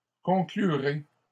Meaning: second-person plural simple future of conclure
- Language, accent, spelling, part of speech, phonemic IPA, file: French, Canada, conclurez, verb, /kɔ̃.kly.ʁe/, LL-Q150 (fra)-conclurez.wav